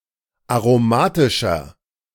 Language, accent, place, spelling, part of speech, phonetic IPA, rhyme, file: German, Germany, Berlin, aromatischer, adjective, [aʁoˈmaːtɪʃɐ], -aːtɪʃɐ, De-aromatischer.ogg
- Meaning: 1. comparative degree of aromatisch 2. inflection of aromatisch: strong/mixed nominative masculine singular 3. inflection of aromatisch: strong genitive/dative feminine singular